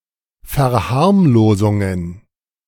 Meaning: plural of Verharmlosung
- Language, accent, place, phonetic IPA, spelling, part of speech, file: German, Germany, Berlin, [fɛɐ̯ˈhaʁmloːzʊŋən], Verharmlosungen, noun, De-Verharmlosungen.ogg